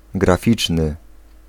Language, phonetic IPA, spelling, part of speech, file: Polish, [ɡraˈfʲit͡ʃnɨ], graficzny, adjective, Pl-graficzny.ogg